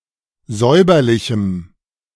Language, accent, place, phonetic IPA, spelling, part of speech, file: German, Germany, Berlin, [ˈzɔɪ̯bɐlɪçm̩], säuberlichem, adjective, De-säuberlichem.ogg
- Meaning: strong dative masculine/neuter singular of säuberlich